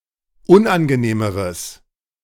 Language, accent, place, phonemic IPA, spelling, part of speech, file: German, Germany, Berlin, /ˈʊnʔanɡəˌneːməʁəs/, unangenehmeres, adjective, De-unangenehmeres.ogg
- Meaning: strong/mixed nominative/accusative neuter singular comparative degree of unangenehm